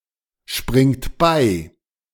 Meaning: inflection of beispringen: 1. third-person singular present 2. second-person plural present 3. plural imperative
- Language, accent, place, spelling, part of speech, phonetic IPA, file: German, Germany, Berlin, springt bei, verb, [ˌʃpʁɪŋt ˈbaɪ̯], De-springt bei.ogg